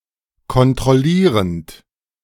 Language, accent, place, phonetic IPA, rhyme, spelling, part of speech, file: German, Germany, Berlin, [kɔntʁɔˈliːʁənt], -iːʁənt, kontrollierend, verb, De-kontrollierend.ogg
- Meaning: present participle of kontrollieren